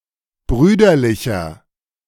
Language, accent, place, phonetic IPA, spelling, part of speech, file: German, Germany, Berlin, [ˈbʁyːdɐlɪçɐ], brüderlicher, adjective, De-brüderlicher.ogg
- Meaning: 1. comparative degree of brüderlich 2. inflection of brüderlich: strong/mixed nominative masculine singular 3. inflection of brüderlich: strong genitive/dative feminine singular